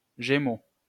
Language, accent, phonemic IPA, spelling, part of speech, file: French, France, /ʒe.mo/, Gémeaux, proper noun, LL-Q150 (fra)-Gémeaux.wav
- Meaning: 1. Gemini (constellation) 2. Gemini (star sign)